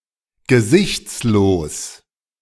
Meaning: faceless
- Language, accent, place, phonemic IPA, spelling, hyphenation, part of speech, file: German, Germany, Berlin, /ɡəˈzɪçt͡sˌloːs/, gesichtslos, ge‧sichts‧los, adjective, De-gesichtslos.ogg